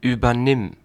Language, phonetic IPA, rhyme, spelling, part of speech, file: German, [yːbɐˈnɪm], -ɪm, übernimm, verb, De-übernimm.ogg
- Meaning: singular imperative of übernehmen